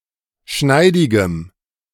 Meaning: strong dative masculine/neuter singular of schneidig
- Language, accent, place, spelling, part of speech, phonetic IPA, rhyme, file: German, Germany, Berlin, schneidigem, adjective, [ˈʃnaɪ̯dɪɡəm], -aɪ̯dɪɡəm, De-schneidigem.ogg